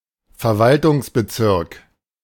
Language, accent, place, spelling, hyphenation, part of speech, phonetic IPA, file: German, Germany, Berlin, Verwaltungsbezirk, Ver‧wal‧tungs‧be‧zirk, noun, [fɛɐ̯ˈvaltʰʊŋsbəˌtsɪʁk], De-Verwaltungsbezirk.ogg
- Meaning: administrative district